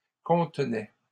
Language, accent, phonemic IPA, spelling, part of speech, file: French, Canada, /kɔ̃t.nɛ/, contenais, verb, LL-Q150 (fra)-contenais.wav
- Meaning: first/second-person singular imperfect indicative of contenir